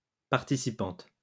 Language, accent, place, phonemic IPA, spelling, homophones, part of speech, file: French, France, Lyon, /paʁ.ti.si.pɑ̃t/, participante, participantes, noun, LL-Q150 (fra)-participante.wav
- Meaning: female equivalent of participant